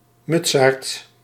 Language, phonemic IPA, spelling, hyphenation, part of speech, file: Dutch, /ˈmʏtsaːrt/, mutsaard, mut‧saard, noun, Nl-mutsaard.ogg
- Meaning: 1. faggot (bundle of branches, sticks or twigs, especially firewood) 2. pyre used for burning at the stake